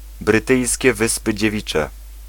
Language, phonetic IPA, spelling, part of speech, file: Polish, [brɨˈtɨjsʲcɛ ˈvɨspɨ d͡ʑɛˈvʲit͡ʃɛ], Brytyjskie Wyspy Dziewicze, proper noun, Pl-Brytyjskie Wyspy Dziewicze.ogg